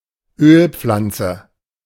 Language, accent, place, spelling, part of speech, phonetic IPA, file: German, Germany, Berlin, Ölpflanze, noun, [ˈøːlˌp͡flant͡sə], De-Ölpflanze.ogg
- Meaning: oil-bearing plant